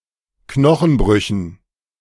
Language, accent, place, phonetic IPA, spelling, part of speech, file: German, Germany, Berlin, [ˈknɔxn̩ˌbʁʏçn̩], Knochenbrüchen, noun, De-Knochenbrüchen.ogg
- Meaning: dative plural of Knochenbruch